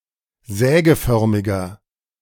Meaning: inflection of sägeförmig: 1. strong/mixed nominative masculine singular 2. strong genitive/dative feminine singular 3. strong genitive plural
- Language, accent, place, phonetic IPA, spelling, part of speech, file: German, Germany, Berlin, [ˈzɛːɡəˌfœʁmɪɡɐ], sägeförmiger, adjective, De-sägeförmiger.ogg